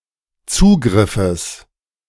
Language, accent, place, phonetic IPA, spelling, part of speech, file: German, Germany, Berlin, [ˈt͡suːɡʁɪfəs], Zugriffes, noun, De-Zugriffes.ogg
- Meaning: genitive singular of Zugriff